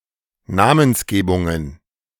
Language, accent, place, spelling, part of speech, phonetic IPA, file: German, Germany, Berlin, Namensgebungen, noun, [ˈnaːmənsˌɡeːbʊŋən], De-Namensgebungen.ogg
- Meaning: plural of Namensgebung